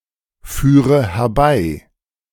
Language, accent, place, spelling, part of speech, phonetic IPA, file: German, Germany, Berlin, führe herbei, verb, [ˌfyːʁə hɛɐ̯ˈbaɪ̯], De-führe herbei.ogg
- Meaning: inflection of herbeiführen: 1. first-person singular present 2. first/third-person singular subjunctive I 3. singular imperative